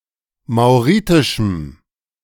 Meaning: strong dative masculine/neuter singular of mauritisch
- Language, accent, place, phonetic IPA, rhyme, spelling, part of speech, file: German, Germany, Berlin, [maʊ̯ˈʁiːtɪʃm̩], -iːtɪʃm̩, mauritischem, adjective, De-mauritischem.ogg